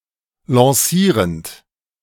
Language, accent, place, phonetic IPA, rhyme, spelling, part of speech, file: German, Germany, Berlin, [lɑ̃ˈsiːʁənt], -iːʁənt, lancierend, verb, De-lancierend.ogg
- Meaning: present participle of lancieren